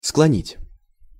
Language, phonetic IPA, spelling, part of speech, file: Russian, [skɫɐˈnʲitʲ], склонить, verb, Ru-склонить.ogg
- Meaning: 1. to bend, to incline, to decline 2. to convince someone to do something